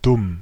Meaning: dumb, stupid
- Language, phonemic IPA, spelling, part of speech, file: German, /dʊm/, dumm, adjective, De-dumm.ogg